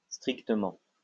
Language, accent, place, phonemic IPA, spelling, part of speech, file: French, France, Lyon, /stʁik.tə.mɑ̃/, strictement, adverb, LL-Q150 (fra)-strictement.wav
- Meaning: 1. strictly 2. absolutely, utterly